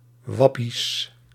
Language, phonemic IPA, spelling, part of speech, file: Dutch, /ˈwɑpis/, wappies, noun, Nl-wappies.ogg
- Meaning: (noun) plural of wappie; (adjective) partitive of wappie